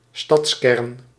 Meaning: a city centre
- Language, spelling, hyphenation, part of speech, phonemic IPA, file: Dutch, stadskern, stads‧kern, noun, /ˈstɑts.kɛrn/, Nl-stadskern.ogg